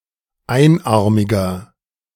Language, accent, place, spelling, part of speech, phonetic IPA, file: German, Germany, Berlin, einarmiger, adjective, [ˈaɪ̯nˌʔaʁmɪɡɐ], De-einarmiger.ogg
- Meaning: inflection of einarmig: 1. strong/mixed nominative masculine singular 2. strong genitive/dative feminine singular 3. strong genitive plural